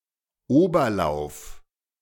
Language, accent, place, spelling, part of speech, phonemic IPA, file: German, Germany, Berlin, Oberlauf, noun, /ˈoːbɐˌlaʊ̯f/, De-Oberlauf.ogg
- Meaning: upper reaches, headwaters, headstream